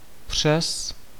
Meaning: 1. across 2. via (by way of; passing through) 3. despite, in spite of
- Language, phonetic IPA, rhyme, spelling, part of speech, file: Czech, [ˈpr̝̊ɛs], -ɛs, přes, preposition, Cs-přes.ogg